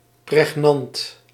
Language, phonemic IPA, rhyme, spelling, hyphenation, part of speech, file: Dutch, /prɛxˈnɑnt/, -ɑnt, pregnant, preg‧nant, adjective, Nl-pregnant.ogg
- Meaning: 1. poignant, incisive 2. meaningful, polysemic 3. important